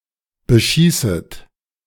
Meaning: second-person plural subjunctive I of beschießen
- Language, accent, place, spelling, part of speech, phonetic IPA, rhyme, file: German, Germany, Berlin, beschießet, verb, [bəˈʃiːsət], -iːsət, De-beschießet.ogg